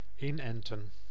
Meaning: 1. to vaccinate 2. to graft onto
- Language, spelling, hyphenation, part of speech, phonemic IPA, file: Dutch, inenten, in‧en‧ten, verb, /ˈɪnˌɛn.tə(n)/, Nl-inenten.ogg